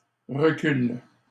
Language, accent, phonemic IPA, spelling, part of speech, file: French, Canada, /ʁə.kyl/, recul, noun, LL-Q150 (fra)-recul.wav
- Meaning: 1. retreat, climb-down 2. drop; reduction, fall 3. distance (in time or space) 4. recoil, kick (of firearm) 5. hindsight (understanding of events after they have occurred)